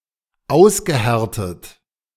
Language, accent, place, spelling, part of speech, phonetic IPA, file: German, Germany, Berlin, ausgehärtet, verb, [ˈaʊ̯sɡəˌhɛʁtət], De-ausgehärtet.ogg
- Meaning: past participle of aushärten